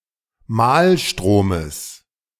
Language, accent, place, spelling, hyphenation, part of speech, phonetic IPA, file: German, Germany, Berlin, Mahlstromes, Mahl‧stro‧mes, noun, [ˈmaːlˌʃtʁoːməs], De-Mahlstromes.ogg
- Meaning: genitive singular of Mahlstrom